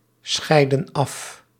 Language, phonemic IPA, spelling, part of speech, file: Dutch, /ˈsxɛidə(n) ˈɑf/, scheiden af, verb, Nl-scheiden af.ogg
- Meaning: inflection of afscheiden: 1. plural present indicative 2. plural present subjunctive